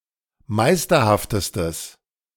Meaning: strong/mixed nominative/accusative neuter singular superlative degree of meisterhaft
- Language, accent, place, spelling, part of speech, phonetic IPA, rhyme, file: German, Germany, Berlin, meisterhaftestes, adjective, [ˈmaɪ̯stɐhaftəstəs], -aɪ̯stɐhaftəstəs, De-meisterhaftestes.ogg